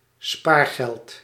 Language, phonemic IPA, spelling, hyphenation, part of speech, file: Dutch, /ˈspaːr.ɣɛlt/, spaargeld, spaar‧geld, noun, Nl-spaargeld.ogg
- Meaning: one's savings